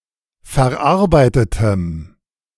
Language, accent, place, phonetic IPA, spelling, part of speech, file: German, Germany, Berlin, [fɛɐ̯ˈʔaʁbaɪ̯tətəm], verarbeitetem, adjective, De-verarbeitetem.ogg
- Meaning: strong dative masculine/neuter singular of verarbeitet